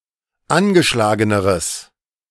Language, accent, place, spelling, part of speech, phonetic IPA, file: German, Germany, Berlin, angeschlageneres, adjective, [ˈanɡəˌʃlaːɡənəʁəs], De-angeschlageneres.ogg
- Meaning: strong/mixed nominative/accusative neuter singular comparative degree of angeschlagen